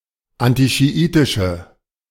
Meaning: inflection of antischiitisch: 1. strong/mixed nominative/accusative feminine singular 2. strong nominative/accusative plural 3. weak nominative all-gender singular
- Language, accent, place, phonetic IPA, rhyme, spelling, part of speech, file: German, Germany, Berlin, [ˌantiʃiˈʔiːtɪʃə], -iːtɪʃə, antischiitische, adjective, De-antischiitische.ogg